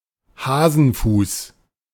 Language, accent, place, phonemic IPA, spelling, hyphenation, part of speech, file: German, Germany, Berlin, /ˈhaːzənfuːs/, Hasenfuß, Ha‧sen‧fuß, noun, De-Hasenfuß.ogg
- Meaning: coward